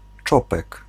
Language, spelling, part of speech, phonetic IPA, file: Polish, czopek, noun, [ˈt͡ʃɔpɛk], Pl-czopek.ogg